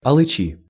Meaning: inflection of алыча́ (alyčá): 1. genitive singular 2. nominative/accusative plural
- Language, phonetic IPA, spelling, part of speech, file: Russian, [ɐɫɨˈt͡ɕi], алычи, noun, Ru-алычи.ogg